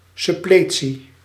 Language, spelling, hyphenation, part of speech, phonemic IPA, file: Dutch, suppletie, sup‧ple‧tie, noun, /ˌsʏˈpleː.(t)si/, Nl-suppletie.ogg
- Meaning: 1. suppletion, provision, replenishing 2. suppletion